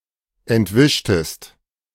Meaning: inflection of entwischen: 1. second-person singular preterite 2. second-person singular subjunctive II
- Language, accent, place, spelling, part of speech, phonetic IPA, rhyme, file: German, Germany, Berlin, entwischtest, verb, [ɛntˈvɪʃtəst], -ɪʃtəst, De-entwischtest.ogg